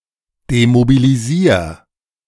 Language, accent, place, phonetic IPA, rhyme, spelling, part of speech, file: German, Germany, Berlin, [demobiliˈziːɐ̯], -iːɐ̯, demobilisier, verb, De-demobilisier.ogg
- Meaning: 1. singular imperative of demobilisieren 2. first-person singular present of demobilisieren